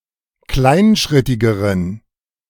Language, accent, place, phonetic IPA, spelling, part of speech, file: German, Germany, Berlin, [ˈklaɪ̯nˌʃʁɪtɪɡəʁən], kleinschrittigeren, adjective, De-kleinschrittigeren.ogg
- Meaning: inflection of kleinschrittig: 1. strong genitive masculine/neuter singular comparative degree 2. weak/mixed genitive/dative all-gender singular comparative degree